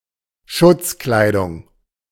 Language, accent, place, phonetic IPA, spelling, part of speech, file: German, Germany, Berlin, [ˈʃʊt͡sˌklaɪ̯dʊŋ], Schutzkleidung, noun, De-Schutzkleidung.ogg
- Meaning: protective clothing